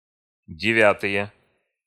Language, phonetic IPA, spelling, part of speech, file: Russian, [dʲɪˈvʲatɨje], девятые, noun, Ru-девятые.ogg
- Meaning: nominative/accusative plural of девя́тая (devjátaja)